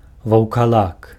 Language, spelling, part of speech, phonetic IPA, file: Belarusian, ваўкалак, noun, [vau̯kaˈɫak], Be-ваўкалак.ogg
- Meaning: werewolf